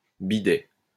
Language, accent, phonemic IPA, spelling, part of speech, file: French, France, /bi.dɛ/, bidet, noun, LL-Q150 (fra)-bidet.wav
- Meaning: 1. pony, small horse 2. bidet